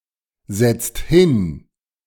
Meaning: inflection of hinsetzen: 1. second/third-person singular present 2. second-person plural present 3. plural imperative
- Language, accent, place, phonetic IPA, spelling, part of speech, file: German, Germany, Berlin, [ˌzɛt͡st ˈhɪn], setzt hin, verb, De-setzt hin.ogg